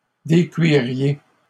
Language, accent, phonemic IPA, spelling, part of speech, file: French, Canada, /de.kɥi.ʁje/, décuiriez, verb, LL-Q150 (fra)-décuiriez.wav
- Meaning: second-person plural conditional of décuire